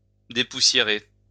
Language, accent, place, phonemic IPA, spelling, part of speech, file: French, France, Lyon, /de.pu.sje.ʁe/, dépoussiérer, verb, LL-Q150 (fra)-dépoussiérer.wav
- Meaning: 1. to dust; to do the dusting 2. to update, to make current